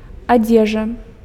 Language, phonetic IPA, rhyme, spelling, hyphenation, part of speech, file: Belarusian, [aˈd͡zʲeʐa], -eʐa, адзежа, адзе‧жа, noun, Be-адзежа.ogg
- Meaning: clothing, clothes